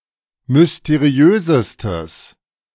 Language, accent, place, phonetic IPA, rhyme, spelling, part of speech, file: German, Germany, Berlin, [mʏsteˈʁi̯øːzəstəs], -øːzəstəs, mysteriösestes, adjective, De-mysteriösestes.ogg
- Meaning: strong/mixed nominative/accusative neuter singular superlative degree of mysteriös